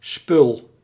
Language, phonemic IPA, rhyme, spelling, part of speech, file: Dutch, /ˈspʏl/, -ʏl, spul, noun, Nl-spul.ogg
- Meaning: 1. stuff 2. junk